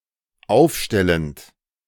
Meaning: present participle of aufstellen
- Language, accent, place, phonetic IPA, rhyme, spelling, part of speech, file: German, Germany, Berlin, [ˈaʊ̯fˌʃtɛlənt], -aʊ̯fʃtɛlənt, aufstellend, verb, De-aufstellend.ogg